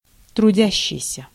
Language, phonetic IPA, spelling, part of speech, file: Russian, [trʊˈdʲæɕːɪjsʲə], трудящийся, verb / noun, Ru-трудящийся.ogg
- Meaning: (verb) present active imperfective participle of труди́ться (trudítʹsja); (noun) worker, working man, laborer